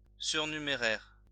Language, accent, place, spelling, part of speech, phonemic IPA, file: French, France, Lyon, surnuméraire, adjective, /syʁ.ny.me.ʁɛʁ/, LL-Q150 (fra)-surnuméraire.wav
- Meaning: supernumerary